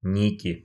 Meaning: nominative/accusative plural of ник (nik)
- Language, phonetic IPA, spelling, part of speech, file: Russian, [ˈnʲikʲɪ], ники, noun, Ru-ники.ogg